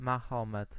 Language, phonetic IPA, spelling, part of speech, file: Polish, [maˈxɔ̃mɛt], Mahomet, proper noun, Pl-Mahomet.ogg